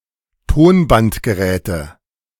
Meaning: inflection of Tonbandgerät: 1. dative singular 2. nominative/accusative/genitive plural
- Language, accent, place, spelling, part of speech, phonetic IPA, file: German, Germany, Berlin, Tonbandgeräte, noun, [ˈtoːnbantɡəˌʁɛːtə], De-Tonbandgeräte.ogg